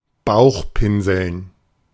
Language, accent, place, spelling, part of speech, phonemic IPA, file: German, Germany, Berlin, bauchpinseln, verb, /ˈbaʊ̯xˌpɪnzl̩n/, De-bauchpinseln.ogg
- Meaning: to flatter, ingratiate